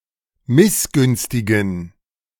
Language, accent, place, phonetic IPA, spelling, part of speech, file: German, Germany, Berlin, [ˈmɪsˌɡʏnstɪɡn̩], missgünstigen, adjective, De-missgünstigen.ogg
- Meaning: inflection of missgünstig: 1. strong genitive masculine/neuter singular 2. weak/mixed genitive/dative all-gender singular 3. strong/weak/mixed accusative masculine singular 4. strong dative plural